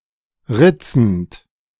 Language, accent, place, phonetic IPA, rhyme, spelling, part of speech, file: German, Germany, Berlin, [ˈʁɪt͡sn̩t], -ɪt͡sn̩t, ritzend, verb, De-ritzend.ogg
- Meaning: present participle of ritzen